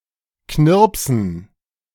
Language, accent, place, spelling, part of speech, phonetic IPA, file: German, Germany, Berlin, Knirpsen, noun, [ˈknɪʁpsn̩], De-Knirpsen.ogg
- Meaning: dative plural of Knirps